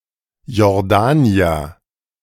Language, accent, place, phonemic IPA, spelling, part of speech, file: German, Germany, Berlin, /jɔʁˈdaːniɐ/, Jordanier, noun, De-Jordanier.ogg
- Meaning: Jordanian ([male or female] person from Jordan)